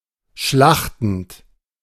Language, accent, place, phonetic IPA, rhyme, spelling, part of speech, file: German, Germany, Berlin, [ˈʃlaxtn̩t], -axtn̩t, schlachtend, verb, De-schlachtend.ogg
- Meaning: present participle of schlachten